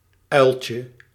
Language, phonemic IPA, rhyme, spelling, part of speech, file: Dutch, /ˈœy̯l.tjə/, -œy̯ltjə, uiltje, noun, Nl-uiltje.ogg
- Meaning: diminutive of uil